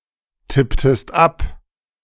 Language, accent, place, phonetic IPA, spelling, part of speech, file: German, Germany, Berlin, [ˌtɪptəst ˈap], tipptest ab, verb, De-tipptest ab.ogg
- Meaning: inflection of abtippen: 1. second-person singular preterite 2. second-person singular subjunctive II